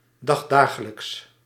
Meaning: day in day out
- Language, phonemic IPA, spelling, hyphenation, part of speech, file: Dutch, /ˌdɑxˈdaː.ɣə.ləks/, dagdagelijks, dag‧da‧ge‧lijks, adjective, Nl-dagdagelijks.ogg